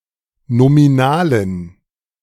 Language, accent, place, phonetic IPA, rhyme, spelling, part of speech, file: German, Germany, Berlin, [nomiˈnaːlən], -aːlən, nominalen, adjective, De-nominalen.ogg
- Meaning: inflection of nominal: 1. strong genitive masculine/neuter singular 2. weak/mixed genitive/dative all-gender singular 3. strong/weak/mixed accusative masculine singular 4. strong dative plural